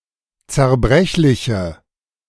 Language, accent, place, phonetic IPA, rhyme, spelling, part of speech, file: German, Germany, Berlin, [t͡sɛɐ̯ˈbʁɛçlɪçə], -ɛçlɪçə, zerbrechliche, adjective, De-zerbrechliche.ogg
- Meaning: inflection of zerbrechlich: 1. strong/mixed nominative/accusative feminine singular 2. strong nominative/accusative plural 3. weak nominative all-gender singular